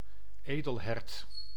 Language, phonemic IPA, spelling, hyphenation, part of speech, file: Dutch, /ˈeː.dəlˌɦɛrt/, edelhert, edel‧hert, noun, Nl-edelhert.ogg
- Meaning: red deer (Cervus elaphus)